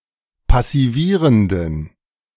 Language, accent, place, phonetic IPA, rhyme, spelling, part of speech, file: German, Germany, Berlin, [pasiˈviːʁəndn̩], -iːʁəndn̩, passivierenden, adjective, De-passivierenden.ogg
- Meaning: inflection of passivierend: 1. strong genitive masculine/neuter singular 2. weak/mixed genitive/dative all-gender singular 3. strong/weak/mixed accusative masculine singular 4. strong dative plural